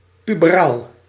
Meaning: 1. pertaining to puberty; pubescent, pubertal 2. resembling teenage behaviour; immature
- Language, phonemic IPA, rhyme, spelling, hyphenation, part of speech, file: Dutch, /ˌpy.bəˈraːl/, -aːl, puberaal, pu‧be‧raal, adjective, Nl-puberaal.ogg